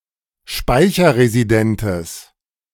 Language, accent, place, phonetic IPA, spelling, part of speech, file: German, Germany, Berlin, [ˈʃpaɪ̯çɐʁeziˌdɛntəs], speicherresidentes, adjective, De-speicherresidentes.ogg
- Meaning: strong/mixed nominative/accusative neuter singular of speicherresident